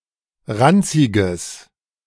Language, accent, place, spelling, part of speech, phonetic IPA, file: German, Germany, Berlin, ranziges, adjective, [ˈʁant͡sɪɡəs], De-ranziges.ogg
- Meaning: strong/mixed nominative/accusative neuter singular of ranzig